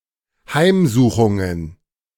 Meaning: plural of Heimsuchung
- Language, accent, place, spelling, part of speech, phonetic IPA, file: German, Germany, Berlin, Heimsuchungen, noun, [ˈhaɪ̯mˌzuːxʊŋən], De-Heimsuchungen.ogg